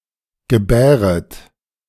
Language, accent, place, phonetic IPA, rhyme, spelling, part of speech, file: German, Germany, Berlin, [ɡəˈbɛːʁət], -ɛːʁət, gebäret, verb, De-gebäret.ogg
- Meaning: inflection of gebären: 1. second-person plural subjunctive I 2. second-person plural subjunctive II